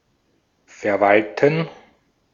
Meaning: 1. to manage 2. to administer
- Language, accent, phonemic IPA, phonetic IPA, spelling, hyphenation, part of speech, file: German, Austria, /fɛrˈvaltən/, [fɛɐ̯ˈväl.tn̩], verwalten, ver‧wal‧ten, verb, De-at-verwalten.ogg